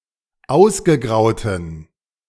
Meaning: inflection of ausgegraut: 1. strong genitive masculine/neuter singular 2. weak/mixed genitive/dative all-gender singular 3. strong/weak/mixed accusative masculine singular 4. strong dative plural
- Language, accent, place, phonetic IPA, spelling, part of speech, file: German, Germany, Berlin, [ˈaʊ̯sɡəˌɡʁaʊ̯tn̩], ausgegrauten, adjective, De-ausgegrauten.ogg